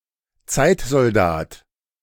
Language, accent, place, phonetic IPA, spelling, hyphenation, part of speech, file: German, Germany, Berlin, [ˈt͡saɪ̯tzɔlˌdaːt], Zeitsoldat, Zeit‧sol‧dat, noun, De-Zeitsoldat.ogg
- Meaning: temporary soldier, non-career soldier